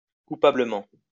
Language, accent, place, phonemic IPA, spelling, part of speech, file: French, France, Lyon, /ku.pa.blə.mɑ̃/, coupablement, adverb, LL-Q150 (fra)-coupablement.wav
- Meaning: guiltily (in a guilty way)